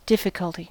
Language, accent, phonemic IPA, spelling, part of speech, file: English, US, /ˈdɪfɪkəlti/, difficulty, noun, En-us-difficulty.ogg
- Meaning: 1. The state of being difficult, or hard to do 2. An obstacle that hinders achievement of a goal 3. Physical danger from the environment, especially with risk of drowning 4. An objection